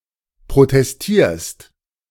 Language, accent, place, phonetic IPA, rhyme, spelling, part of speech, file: German, Germany, Berlin, [pʁotɛsˈtiːɐ̯st], -iːɐ̯st, protestierst, verb, De-protestierst.ogg
- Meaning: second-person singular present of protestieren